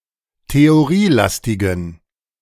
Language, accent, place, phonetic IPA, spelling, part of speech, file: German, Germany, Berlin, [teoˈʁiːˌlastɪɡn̩], theorielastigen, adjective, De-theorielastigen.ogg
- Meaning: inflection of theorielastig: 1. strong genitive masculine/neuter singular 2. weak/mixed genitive/dative all-gender singular 3. strong/weak/mixed accusative masculine singular 4. strong dative plural